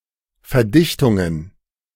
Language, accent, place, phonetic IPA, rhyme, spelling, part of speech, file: German, Germany, Berlin, [fɛɐ̯ˈdɪçtʊŋən], -ɪçtʊŋən, Verdichtungen, noun, De-Verdichtungen.ogg
- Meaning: plural of Verdichtung